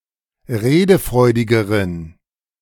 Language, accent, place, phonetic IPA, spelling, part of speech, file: German, Germany, Berlin, [ˈʁeːdəˌfʁɔɪ̯dɪɡəʁən], redefreudigeren, adjective, De-redefreudigeren.ogg
- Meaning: inflection of redefreudig: 1. strong genitive masculine/neuter singular comparative degree 2. weak/mixed genitive/dative all-gender singular comparative degree